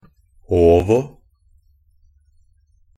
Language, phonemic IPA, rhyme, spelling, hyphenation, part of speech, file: Norwegian Bokmål, /ˈoːʋɔ/, -oːʋɔ, ovo, ov‧o, adverb, NB - Pronunciation of Norwegian Bokmål «ovo».ogg
- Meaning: only used in ab ovo (“ab ovo”)